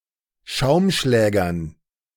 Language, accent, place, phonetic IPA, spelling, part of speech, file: German, Germany, Berlin, [ˈʃaʊ̯mˌʃlɛːɡɐn], Schaumschlägern, noun, De-Schaumschlägern.ogg
- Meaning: dative plural of Schaumschläger